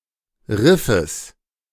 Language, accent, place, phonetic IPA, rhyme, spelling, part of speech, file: German, Germany, Berlin, [ˈʁɪfəs], -ɪfəs, Riffes, noun, De-Riffes.ogg
- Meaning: genitive singular of Riff